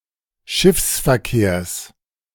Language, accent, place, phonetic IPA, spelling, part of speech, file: German, Germany, Berlin, [ˈʃɪfsfɛɐ̯ˌkeːɐ̯s], Schiffsverkehrs, noun, De-Schiffsverkehrs.ogg
- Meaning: genitive singular of Schiffsverkehr